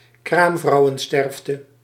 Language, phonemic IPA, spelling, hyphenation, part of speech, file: Dutch, /ˈkraːm.vrɑu̯.ə(n)ˌstɛrf.tə/, kraamvrouwensterfte, kraam‧vrou‧wen‧sterf‧te, noun, Nl-kraamvrouwensterfte.ogg
- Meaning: mortality (rate) of women in childbirth, maternal mortality